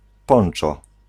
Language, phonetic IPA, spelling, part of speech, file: Polish, [ˈpɔ̃n͇t͡ʃɔ], ponczo, noun, Pl-ponczo.ogg